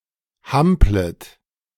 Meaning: second-person plural subjunctive I of hampeln
- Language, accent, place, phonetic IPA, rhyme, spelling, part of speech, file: German, Germany, Berlin, [ˈhamplət], -amplət, hamplet, verb, De-hamplet.ogg